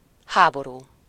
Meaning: war (conflict involving organized use of arms)
- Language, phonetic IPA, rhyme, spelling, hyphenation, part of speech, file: Hungarian, [ˈhaːboruː], -ruː, háború, há‧bo‧rú, noun, Hu-háború.ogg